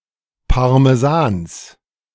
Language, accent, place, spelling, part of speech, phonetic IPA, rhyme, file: German, Germany, Berlin, Parmesans, noun, [paʁmeˈzaːns], -aːns, De-Parmesans.ogg
- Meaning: genitive singular of Parmesan